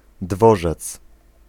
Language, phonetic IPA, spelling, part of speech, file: Polish, [ˈdvɔʒɛt͡s], dworzec, noun, Pl-dworzec.ogg